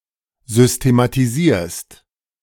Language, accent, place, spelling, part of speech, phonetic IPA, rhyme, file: German, Germany, Berlin, systematisierst, verb, [ˌzʏstematiˈziːɐ̯st], -iːɐ̯st, De-systematisierst.ogg
- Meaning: second-person singular present of systematisieren